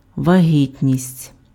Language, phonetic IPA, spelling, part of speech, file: Ukrainian, [ʋɐˈɦʲitʲnʲisʲtʲ], вагітність, noun, Uk-вагітність.ogg
- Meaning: pregnancy